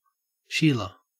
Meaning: A woman
- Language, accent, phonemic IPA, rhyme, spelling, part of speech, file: English, Australia, /ˈʃiːlə/, -iːlə, sheila, noun, En-au-sheila.ogg